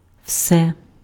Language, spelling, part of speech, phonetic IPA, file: Ukrainian, все, pronoun / adverb, [ʍsɛ], Uk-все.ogg
- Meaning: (pronoun) nominative/accusative/vocative neuter singular of весь (vesʹ); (adverb) all, everything